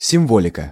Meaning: symbolism, symbolics
- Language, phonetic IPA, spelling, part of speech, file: Russian, [sʲɪmˈvolʲɪkə], символика, noun, Ru-символика.ogg